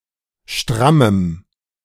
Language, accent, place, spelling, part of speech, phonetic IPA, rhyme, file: German, Germany, Berlin, strammem, adjective, [ˈʃtʁaməm], -aməm, De-strammem.ogg
- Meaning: strong dative masculine/neuter singular of stramm